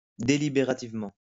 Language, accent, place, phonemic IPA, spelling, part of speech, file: French, France, Lyon, /de.li.be.ʁa.tiv.mɑ̃/, délibérativement, adverb, LL-Q150 (fra)-délibérativement.wav
- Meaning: deliberatively